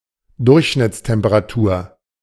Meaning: average / mean temperature
- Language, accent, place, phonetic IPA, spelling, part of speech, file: German, Germany, Berlin, [ˈdʊʁçʃnɪt͡stɛmpəʁaˌtuːɐ̯], Durchschnittstemperatur, noun, De-Durchschnittstemperatur.ogg